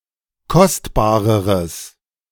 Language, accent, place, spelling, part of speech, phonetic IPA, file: German, Germany, Berlin, kostbareres, adjective, [ˈkɔstbaːʁəʁəs], De-kostbareres.ogg
- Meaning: strong/mixed nominative/accusative neuter singular comparative degree of kostbar